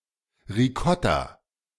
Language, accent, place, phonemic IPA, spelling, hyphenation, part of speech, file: German, Germany, Berlin, /ʁiˈkɔta/, Ricotta, Ri‧cot‧ta, noun, De-Ricotta.ogg
- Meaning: ricotta (Italian whey cheese)